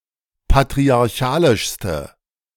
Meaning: inflection of patriarchalisch: 1. strong/mixed nominative/accusative feminine singular superlative degree 2. strong nominative/accusative plural superlative degree
- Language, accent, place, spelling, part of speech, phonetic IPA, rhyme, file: German, Germany, Berlin, patriarchalischste, adjective, [patʁiaʁˈçaːlɪʃstə], -aːlɪʃstə, De-patriarchalischste.ogg